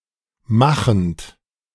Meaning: present participle of machen
- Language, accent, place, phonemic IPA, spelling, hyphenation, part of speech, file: German, Germany, Berlin, /ˈmaxn̩t/, machend, ma‧chend, verb, De-machend.ogg